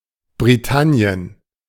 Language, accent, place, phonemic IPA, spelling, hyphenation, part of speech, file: German, Germany, Berlin, /bʁiˈtani̯ən/, Britannien, Bri‧tan‧ni‧en, proper noun, De-Britannien.ogg
- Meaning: Britain (a large island of Northern Europe; used especially before the Anglo-Saxon invasion, maximally until the Treaty of Union)